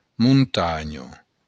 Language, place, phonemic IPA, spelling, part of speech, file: Occitan, Béarn, /munˈtaɲo/, montanha, noun, LL-Q14185 (oci)-montanha.wav
- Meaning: mountain